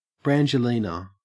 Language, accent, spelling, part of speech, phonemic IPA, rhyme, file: English, Australia, Brangelina, proper noun, /ˌbɹænd͡ʒəˈlinə/, -iːnə, En-au-Brangelina.ogg
- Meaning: The couple consisting of celebrities Brad Pitt and Angelina Jolie, together from 2005 to 2016